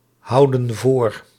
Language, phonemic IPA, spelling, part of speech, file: Dutch, /ˈhɑudə(n) ˈvor/, houden voor, verb, Nl-houden voor.ogg